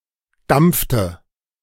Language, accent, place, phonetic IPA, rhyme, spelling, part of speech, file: German, Germany, Berlin, [ˈdamp͡ftə], -amp͡ftə, dampfte, verb, De-dampfte.ogg
- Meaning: inflection of dampfen: 1. first/third-person singular preterite 2. first/third-person singular subjunctive II